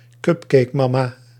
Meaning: a woman who has sacrificed her successful career to spend more time on parenting or housework
- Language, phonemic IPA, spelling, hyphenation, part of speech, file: Dutch, /ˈkʏp.keːkˌmɑ.maː/, cupcakemama, cup‧cake‧ma‧ma, noun, Nl-cupcakemama.ogg